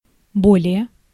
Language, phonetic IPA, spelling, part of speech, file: Russian, [ˈbolʲɪje], более, adverb, Ru-более.ogg
- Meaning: 1. more 2. more than